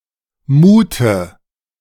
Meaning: inflection of muhen: 1. first/third-person singular preterite 2. first/third-person singular subjunctive II
- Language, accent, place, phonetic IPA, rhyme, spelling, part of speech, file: German, Germany, Berlin, [ˈmuːtə], -uːtə, muhte, verb, De-muhte.ogg